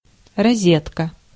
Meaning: 1. socket, outlet (opening for a plug) 2. female jack or socket for headphones 3. rosette 4. jam dish
- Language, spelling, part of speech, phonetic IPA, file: Russian, розетка, noun, [rɐˈzʲetkə], Ru-розетка.ogg